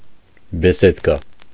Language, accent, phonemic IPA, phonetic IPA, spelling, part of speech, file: Armenian, Eastern Armenian, /biˈsedkɑ/, [bisédkɑ], բեսեդկա, noun, Hy-բեսեդկա.ogg
- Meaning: arbor, gazebo, pavilion (a shady place for sitting)